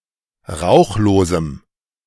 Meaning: strong dative masculine/neuter singular of rauchlos
- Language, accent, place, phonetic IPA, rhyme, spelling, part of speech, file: German, Germany, Berlin, [ˈʁaʊ̯xloːzm̩], -aʊ̯xloːzm̩, rauchlosem, adjective, De-rauchlosem.ogg